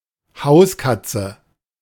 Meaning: house cat, domestic cat
- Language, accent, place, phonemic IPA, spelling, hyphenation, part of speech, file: German, Germany, Berlin, /ˈhaʊ̯sˌkat͡sə/, Hauskatze, Haus‧kat‧ze, noun, De-Hauskatze.ogg